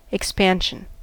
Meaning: 1. An act, process, or instance of expanding 2. An act, process, or instance of expanding.: The fractional change in unit length per unit length per unit temperature change
- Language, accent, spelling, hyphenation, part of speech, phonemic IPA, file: English, US, expansion, ex‧pan‧sion, noun, /ɪkˈspænʃən/, En-us-expansion.ogg